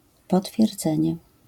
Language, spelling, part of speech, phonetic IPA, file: Polish, potwierdzenie, noun, [ˌpɔtfʲjɛrˈd͡zɛ̃ɲɛ], LL-Q809 (pol)-potwierdzenie.wav